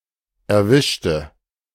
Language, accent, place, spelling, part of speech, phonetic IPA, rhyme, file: German, Germany, Berlin, erwischte, adjective / verb, [ɛɐ̯ˈvɪʃtə], -ɪʃtə, De-erwischte.ogg
- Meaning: inflection of erwischen: 1. first/third-person singular preterite 2. first/third-person singular subjunctive II